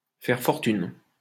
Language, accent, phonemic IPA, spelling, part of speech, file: French, France, /fɛʁ fɔʁ.tyn/, faire fortune, verb, LL-Q150 (fra)-faire fortune.wav
- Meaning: to make a fortune, to make a pile